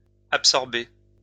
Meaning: feminine singular of absorbé
- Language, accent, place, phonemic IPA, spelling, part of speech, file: French, France, Lyon, /ap.sɔʁ.be/, absorbée, verb, LL-Q150 (fra)-absorbée.wav